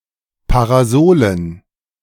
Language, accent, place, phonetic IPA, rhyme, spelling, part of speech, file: German, Germany, Berlin, [paʁaˈzoːlən], -oːlən, Parasolen, noun, De-Parasolen.ogg
- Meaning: dative plural of Parasol